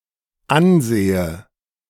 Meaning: inflection of ansehen: 1. first-person singular dependent present 2. first/third-person singular dependent subjunctive I
- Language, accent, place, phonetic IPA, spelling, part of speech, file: German, Germany, Berlin, [ˈanˌzeːə], ansehe, verb, De-ansehe.ogg